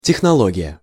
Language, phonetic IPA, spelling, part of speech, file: Russian, [tʲɪxnɐˈɫoɡʲɪjə], технология, noun, Ru-технология.ogg
- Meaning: technology